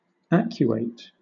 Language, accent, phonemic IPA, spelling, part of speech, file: English, Southern England, /ˈæk.ju.eɪt/, acuate, verb, LL-Q1860 (eng)-acuate.wav
- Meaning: To sharpen; to make pungent; to quicken